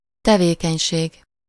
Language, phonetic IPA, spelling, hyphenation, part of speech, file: Hungarian, [ˈtɛveːkɛɲʃeːɡ], tevékenység, te‧vé‧keny‧ség, noun, Hu-tevékenység.ogg
- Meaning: activity